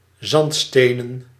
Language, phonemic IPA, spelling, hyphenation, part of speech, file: Dutch, /ˈzɑntˌsteː.nə(n)/, zandstenen, zand‧ste‧nen, adjective, Nl-zandstenen.ogg
- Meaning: sandstone, consisting of sandstone